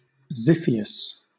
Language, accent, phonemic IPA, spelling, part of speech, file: English, Southern England, /ˈzɪfiəs/, xiphias, noun, LL-Q1860 (eng)-xiphias.wav
- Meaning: Synonym of swordfish